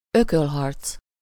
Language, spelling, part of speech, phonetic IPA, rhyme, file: Hungarian, ökölharc, noun, [ˈøkølɦɒrt͡s], -ɒrt͡s, Hu-ökölharc.ogg
- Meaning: fistfight (a fight using bare fists)